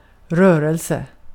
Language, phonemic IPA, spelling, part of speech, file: Swedish, /ˈrøːˌrɛlsɛ/, rörelse, noun, Sv-rörelse.ogg
- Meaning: 1. movement (something moving) 2. a movement (larger group of people with a common cause) 3. a small business, a minor company 4. operations